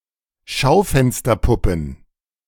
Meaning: plural of Schaufensterpuppe
- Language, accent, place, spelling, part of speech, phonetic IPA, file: German, Germany, Berlin, Schaufensterpuppen, noun, [ˈʃaʊ̯fɛnstɐˌpʊpn̩], De-Schaufensterpuppen.ogg